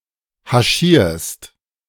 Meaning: second-person singular present of haschieren
- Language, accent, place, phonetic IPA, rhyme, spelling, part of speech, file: German, Germany, Berlin, [haˈʃiːɐ̯st], -iːɐ̯st, haschierst, verb, De-haschierst.ogg